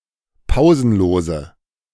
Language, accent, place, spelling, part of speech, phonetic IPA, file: German, Germany, Berlin, pausenlose, adjective, [ˈpaʊ̯zn̩ˌloːzə], De-pausenlose.ogg
- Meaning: inflection of pausenlos: 1. strong/mixed nominative/accusative feminine singular 2. strong nominative/accusative plural 3. weak nominative all-gender singular